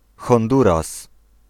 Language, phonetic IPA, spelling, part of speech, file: Polish, [xɔ̃nˈduras], Honduras, proper noun, Pl-Honduras.ogg